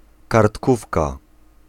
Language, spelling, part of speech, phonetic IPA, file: Polish, kartkówka, noun, [kartˈkufka], Pl-kartkówka.ogg